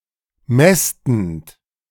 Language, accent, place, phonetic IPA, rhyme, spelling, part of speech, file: German, Germany, Berlin, [ˈmɛstn̩t], -ɛstn̩t, mästend, verb, De-mästend.ogg
- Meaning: present participle of mästen